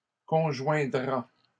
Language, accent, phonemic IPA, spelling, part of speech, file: French, Canada, /kɔ̃.ʒwɛ̃.dʁa/, conjoindra, verb, LL-Q150 (fra)-conjoindra.wav
- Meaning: third-person singular simple future of conjoindre